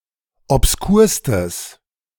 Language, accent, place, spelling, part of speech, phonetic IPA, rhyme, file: German, Germany, Berlin, obskurstes, adjective, [ɔpsˈkuːɐ̯stəs], -uːɐ̯stəs, De-obskurstes.ogg
- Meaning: strong/mixed nominative/accusative neuter singular superlative degree of obskur